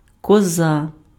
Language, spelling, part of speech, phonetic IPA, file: Ukrainian, коза, noun, [kɔˈza], Uk-коза.ogg
- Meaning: 1. goat 2. booger